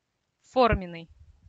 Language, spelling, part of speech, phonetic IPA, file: Russian, форменный, adjective, [ˈformʲɪn(ː)ɨj], Ru-форменный.ogg
- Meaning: 1. uniform 2. regular, downright